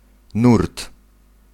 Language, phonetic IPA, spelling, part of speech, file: Polish, [nurt], nurt, noun, Pl-nurt.ogg